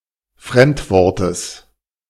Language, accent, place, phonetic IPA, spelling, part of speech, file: German, Germany, Berlin, [ˈfʁɛmtˌvɔʁtəs], Fremdwortes, noun, De-Fremdwortes.ogg
- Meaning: genitive singular of Fremdwort